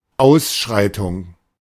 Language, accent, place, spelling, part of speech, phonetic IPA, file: German, Germany, Berlin, Ausschreitung, noun, [ˈaʊ̯sˌʃʁaɪ̯tʊŋ], De-Ausschreitung.ogg
- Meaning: riot